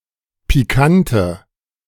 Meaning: inflection of pikant: 1. strong/mixed nominative/accusative feminine singular 2. strong nominative/accusative plural 3. weak nominative all-gender singular 4. weak accusative feminine/neuter singular
- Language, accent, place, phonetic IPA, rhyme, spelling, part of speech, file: German, Germany, Berlin, [piˈkantə], -antə, pikante, adjective, De-pikante.ogg